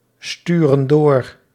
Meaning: inflection of doorsturen: 1. plural present indicative 2. plural present subjunctive
- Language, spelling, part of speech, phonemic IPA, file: Dutch, sturen door, verb, /ˈstyrə(n) ˈdor/, Nl-sturen door.ogg